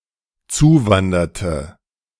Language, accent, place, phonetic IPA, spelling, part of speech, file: German, Germany, Berlin, [ˈt͡suːˌvandɐtə], zuwanderte, verb, De-zuwanderte.ogg
- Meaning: inflection of zuwandern: 1. first/third-person singular dependent preterite 2. first/third-person singular dependent subjunctive II